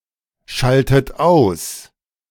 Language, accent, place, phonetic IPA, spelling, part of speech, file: German, Germany, Berlin, [ˌʃaltət ˈaʊ̯s], schaltet aus, verb, De-schaltet aus.ogg
- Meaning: inflection of ausschalten: 1. third-person singular present 2. second-person plural present 3. second-person plural subjunctive I 4. plural imperative